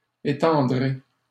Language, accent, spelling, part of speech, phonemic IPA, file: French, Canada, étendrai, verb, /e.tɑ̃.dʁe/, LL-Q150 (fra)-étendrai.wav
- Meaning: first-person singular simple future of étendre